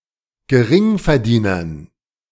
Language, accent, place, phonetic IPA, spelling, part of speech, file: German, Germany, Berlin, [ɡəˈʁɪŋfɛɐ̯ˌdiːnɐn], Geringverdienern, noun, De-Geringverdienern.ogg
- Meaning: dative plural of Geringverdiener